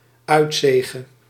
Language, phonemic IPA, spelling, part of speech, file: Dutch, /ˈœytseɣə/, uitzege, noun, Nl-uitzege.ogg
- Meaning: away win